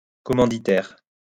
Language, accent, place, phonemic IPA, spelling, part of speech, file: French, France, Lyon, /kɔ.mɑ̃.di.tɛʁ/, commanditaire, noun, LL-Q150 (fra)-commanditaire.wav
- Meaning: 1. a sponsor 2. a silent partner, a sleeping partner 3. principal, instigator, employer (person who orders a crime, person who hires someone to commit a crime in their stead)